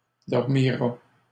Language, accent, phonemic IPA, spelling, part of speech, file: French, Canada, /dɔʁ.mi.ʁa/, dormira, verb, LL-Q150 (fra)-dormira.wav
- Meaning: third-person singular future of dormir